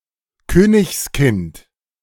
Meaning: king's child, prince or princess
- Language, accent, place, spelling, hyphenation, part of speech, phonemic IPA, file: German, Germany, Berlin, Königskind, Kö‧nigs‧kind, noun, /ˈkøːnɪçsˌkɪnt/, De-Königskind.ogg